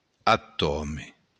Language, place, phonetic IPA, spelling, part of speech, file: Occitan, Béarn, [aˈtɔme], atòme, noun, LL-Q14185 (oci)-atòme.wav
- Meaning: alternative form of atòm